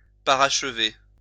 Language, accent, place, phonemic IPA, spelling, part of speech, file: French, France, Lyon, /pa.ʁaʃ.ve/, parachever, verb, LL-Q150 (fra)-parachever.wav
- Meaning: to complete, finalize, perfect